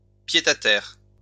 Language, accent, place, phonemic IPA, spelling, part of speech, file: French, France, Lyon, /pje.ta.tɛʁ/, pied-à-terre, noun, LL-Q150 (fra)-pied-à-terre.wav
- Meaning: pied-à-terre